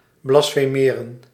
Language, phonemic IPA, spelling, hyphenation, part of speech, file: Dutch, /blɑsfəˈmeːrə(n)/, blasfemeren, blas‧fe‧me‧ren, verb, Nl-blasfemeren.ogg
- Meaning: to blaspheme